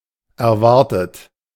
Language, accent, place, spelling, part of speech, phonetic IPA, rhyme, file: German, Germany, Berlin, erwartet, adjective / verb, [ɛɐ̯ˈvaʁtət], -aʁtət, De-erwartet.ogg
- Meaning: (verb) past participle of erwarten; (adjective) expected, anticipated